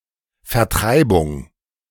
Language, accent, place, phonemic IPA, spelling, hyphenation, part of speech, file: German, Germany, Berlin, /fɛʁˈtʁaɪ̯bʊŋ/, Vertreibung, Ver‧trei‧bung, noun, De-Vertreibung.ogg
- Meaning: 1. expulsion 2. eviction